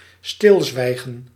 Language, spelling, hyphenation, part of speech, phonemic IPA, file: Dutch, stilzwijgen, stil‧zwij‧gen, noun / verb, /ˈstɪlˌzʋɛi̯.ɣə(n)/, Nl-stilzwijgen.ogg
- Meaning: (noun) complete silence, absence of speaking or other communication; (verb) to be completely silent, to be taciturn